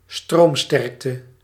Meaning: electrical current
- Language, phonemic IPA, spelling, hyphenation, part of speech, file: Dutch, /ˈstroːmˌstɛrk.tə/, stroomsterkte, stroom‧sterk‧te, noun, Nl-stroomsterkte.ogg